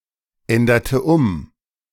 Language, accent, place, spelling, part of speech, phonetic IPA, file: German, Germany, Berlin, änderte um, verb, [ˌɛndɐtə ˈʊm], De-änderte um.ogg
- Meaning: inflection of umändern: 1. first/third-person singular preterite 2. first/third-person singular subjunctive II